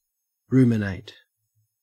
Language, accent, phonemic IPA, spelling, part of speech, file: English, Australia, /ˈɹumɪneɪt/, ruminate, verb, En-au-ruminate.ogg
- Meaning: 1. To chew cud. (Said of ruminants.) Involves regurgitating partially digested food from the rumen 2. To meditate or reflect 3. To meditate or ponder over; to muse on